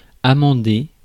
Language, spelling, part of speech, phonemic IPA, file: French, amender, verb, /a.mɑ̃.de/, Fr-amender.ogg
- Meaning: 1. to amend 2. to improve (e.g. land, conduct) 3. to mend (one's ways), reform